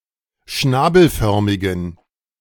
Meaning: inflection of schnabelförmig: 1. strong genitive masculine/neuter singular 2. weak/mixed genitive/dative all-gender singular 3. strong/weak/mixed accusative masculine singular 4. strong dative plural
- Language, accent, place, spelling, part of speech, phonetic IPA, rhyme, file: German, Germany, Berlin, schnabelförmigen, adjective, [ˈʃnaːbl̩ˌfœʁmɪɡn̩], -aːbl̩fœʁmɪɡn̩, De-schnabelförmigen.ogg